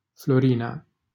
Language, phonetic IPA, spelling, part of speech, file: Romanian, [floˈri.na], Florina, proper noun, LL-Q7913 (ron)-Florina.wav
- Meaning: a female given name comparable to Floriana